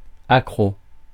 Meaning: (adjective) hooked (addicted, unable to resist); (noun) addict
- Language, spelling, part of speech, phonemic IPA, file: French, accro, adjective / noun, /a.kʁo/, Fr-accro.ogg